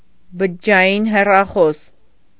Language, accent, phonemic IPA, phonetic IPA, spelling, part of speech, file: Armenian, Eastern Armenian, /bəd͡ʒəd͡ʒɑˈjin herɑˈχos/, [bəd͡ʒəd͡ʒɑjín herɑχós], բջջային հեռախոս, noun, Hy-բջջային հեռախոս.ogg
- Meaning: cell phone, mobile phone